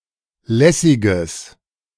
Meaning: strong/mixed nominative/accusative neuter singular of lässig
- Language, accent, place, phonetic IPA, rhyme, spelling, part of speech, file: German, Germany, Berlin, [ˈlɛsɪɡəs], -ɛsɪɡəs, lässiges, adjective, De-lässiges.ogg